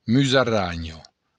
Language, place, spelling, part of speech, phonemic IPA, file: Occitan, Béarn, musaranha, noun, /myzaˈɾaɲo̞/, LL-Q14185 (oci)-musaranha.wav
- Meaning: shrew